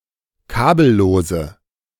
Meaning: inflection of kabellos: 1. strong/mixed nominative/accusative feminine singular 2. strong nominative/accusative plural 3. weak nominative all-gender singular
- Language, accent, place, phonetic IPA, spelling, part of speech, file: German, Germany, Berlin, [ˈkaːbl̩ˌloːzə], kabellose, adjective, De-kabellose.ogg